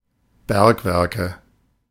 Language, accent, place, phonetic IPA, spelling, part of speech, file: German, Germany, Berlin, [ˈbɛʁkˌvɛʁkə], Bergwerke, noun, De-Bergwerke.ogg
- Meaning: nominative/accusative/genitive plural of Bergwerk